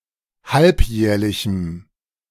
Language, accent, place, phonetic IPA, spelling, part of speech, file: German, Germany, Berlin, [ˈhalpˌjɛːɐ̯lɪçm̩], halbjährlichem, adjective, De-halbjährlichem.ogg
- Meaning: strong dative masculine/neuter singular of halbjährlich